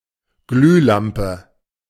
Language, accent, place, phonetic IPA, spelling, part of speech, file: German, Germany, Berlin, [ˈɡlyːˌlampə], Glühlampe, noun, De-Glühlampe.ogg
- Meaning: incandescent light bulb, incandescent lamp